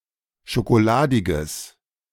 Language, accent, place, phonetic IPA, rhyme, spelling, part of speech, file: German, Germany, Berlin, [ʃokoˈlaːdɪɡəs], -aːdɪɡəs, schokoladiges, adjective, De-schokoladiges.ogg
- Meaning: strong/mixed nominative/accusative neuter singular of schokoladig